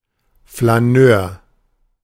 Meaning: flâneur, stroller
- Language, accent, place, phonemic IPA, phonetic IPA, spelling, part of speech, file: German, Germany, Berlin, /flaˈnøːʁ/, [flaˈnøːɐ̯], Flaneur, noun, De-Flaneur.ogg